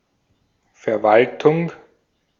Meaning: administration, management, administering, managing
- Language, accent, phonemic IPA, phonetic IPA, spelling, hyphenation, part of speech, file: German, Austria, /fɛʁˈvaltʊŋ/, [fɛɐ̯ˈvaltʰʊŋ], Verwaltung, Ver‧wal‧tung, noun, De-at-Verwaltung.ogg